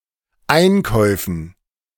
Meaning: dative plural of Einkauf
- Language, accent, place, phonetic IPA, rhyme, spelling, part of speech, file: German, Germany, Berlin, [ˈaɪ̯nˌkɔɪ̯fn̩], -aɪ̯nkɔɪ̯fn̩, Einkäufen, noun, De-Einkäufen.ogg